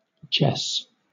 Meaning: 1. A diminutive of the male given name Jesse 2. A diminutive of the female given names Jessica and Jessamy
- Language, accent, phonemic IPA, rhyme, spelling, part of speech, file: English, Southern England, /d͡ʒɛs/, -ɛs, Jess, proper noun, LL-Q1860 (eng)-Jess.wav